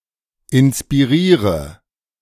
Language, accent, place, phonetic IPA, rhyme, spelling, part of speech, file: German, Germany, Berlin, [ɪnspiˈʁiːʁə], -iːʁə, inspiriere, verb, De-inspiriere.ogg
- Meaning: inflection of inspirieren: 1. first-person singular present 2. first/third-person singular subjunctive I 3. singular imperative